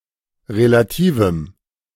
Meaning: strong dative masculine/neuter singular of relativ
- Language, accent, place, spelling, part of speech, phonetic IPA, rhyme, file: German, Germany, Berlin, relativem, adjective, [ʁelaˈtiːvm̩], -iːvm̩, De-relativem.ogg